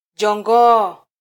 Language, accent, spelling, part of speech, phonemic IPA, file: Swahili, Kenya, jongoo, noun, /ʄɔˈᵑɡɔː/, Sw-ke-jongoo.flac
- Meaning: millipede (elongated arthropod)